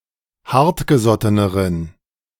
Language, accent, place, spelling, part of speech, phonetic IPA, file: German, Germany, Berlin, hartgesotteneren, adjective, [ˈhaʁtɡəˌzɔtənəʁən], De-hartgesotteneren.ogg
- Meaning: inflection of hartgesotten: 1. strong genitive masculine/neuter singular comparative degree 2. weak/mixed genitive/dative all-gender singular comparative degree